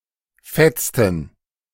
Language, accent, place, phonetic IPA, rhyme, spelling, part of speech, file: German, Germany, Berlin, [ˈfɛt͡stn̩], -ɛt͡stn̩, fetzten, verb, De-fetzten.ogg
- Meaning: inflection of fetzen: 1. first/third-person plural preterite 2. first/third-person plural subjunctive II